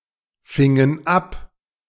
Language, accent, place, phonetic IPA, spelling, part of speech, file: German, Germany, Berlin, [ˌfɪŋən ˈap], fingen ab, verb, De-fingen ab.ogg
- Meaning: inflection of abfangen: 1. first/third-person plural preterite 2. first/third-person plural subjunctive II